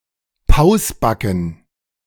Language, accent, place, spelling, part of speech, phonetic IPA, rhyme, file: German, Germany, Berlin, Pausbacken, noun, [ˈpaʊ̯sˌbakn̩], -aʊ̯sbakn̩, De-Pausbacken.ogg
- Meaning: plural of Pausbacke